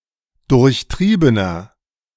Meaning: 1. comparative degree of durchtrieben 2. inflection of durchtrieben: strong/mixed nominative masculine singular 3. inflection of durchtrieben: strong genitive/dative feminine singular
- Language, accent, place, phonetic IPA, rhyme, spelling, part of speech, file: German, Germany, Berlin, [ˌdʊʁçˈtʁiːbənɐ], -iːbənɐ, durchtriebener, adjective, De-durchtriebener.ogg